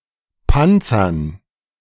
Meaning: to armor
- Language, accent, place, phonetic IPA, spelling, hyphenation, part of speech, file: German, Germany, Berlin, [ˈpant͡sɐn], panzern, pan‧zern, verb, De-panzern.ogg